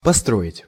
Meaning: 1. to build 2. to upbuild
- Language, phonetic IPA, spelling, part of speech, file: Russian, [pɐˈstroɪtʲ], построить, verb, Ru-построить.ogg